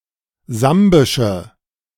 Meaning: inflection of sambisch: 1. strong/mixed nominative/accusative feminine singular 2. strong nominative/accusative plural 3. weak nominative all-gender singular
- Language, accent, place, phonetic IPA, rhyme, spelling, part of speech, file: German, Germany, Berlin, [ˈzambɪʃə], -ambɪʃə, sambische, adjective, De-sambische.ogg